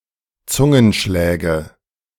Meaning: nominative/accusative/genitive plural of Zungenschlag
- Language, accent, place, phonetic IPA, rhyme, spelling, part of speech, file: German, Germany, Berlin, [ˈt͡sʊŋənˌʃlɛːɡə], -ʊŋənʃlɛːɡə, Zungenschläge, noun, De-Zungenschläge.ogg